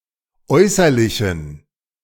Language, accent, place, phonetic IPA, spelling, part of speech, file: German, Germany, Berlin, [ˈɔɪ̯sɐlɪçn̩], äußerlichen, adjective, De-äußerlichen.ogg
- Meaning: inflection of äußerlich: 1. strong genitive masculine/neuter singular 2. weak/mixed genitive/dative all-gender singular 3. strong/weak/mixed accusative masculine singular 4. strong dative plural